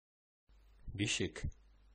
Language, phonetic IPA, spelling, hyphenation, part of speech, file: Bashkir, [bʲiˈʃɪ̞k], бишек, би‧шек, noun, Ba-бишек.oga
- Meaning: cradle